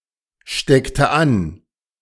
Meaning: inflection of anstecken: 1. first/third-person singular preterite 2. first/third-person singular subjunctive II
- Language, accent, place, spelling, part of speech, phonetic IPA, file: German, Germany, Berlin, steckte an, verb, [ˌʃtɛktə ˈan], De-steckte an.ogg